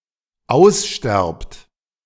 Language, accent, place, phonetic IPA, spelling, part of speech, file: German, Germany, Berlin, [ˈaʊ̯sˌʃtɛʁpt], aussterbt, verb, De-aussterbt.ogg
- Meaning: second-person plural dependent present of aussterben